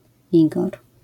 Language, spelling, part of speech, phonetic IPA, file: Polish, Igor, proper noun, [ˈiɡɔr], LL-Q809 (pol)-Igor.wav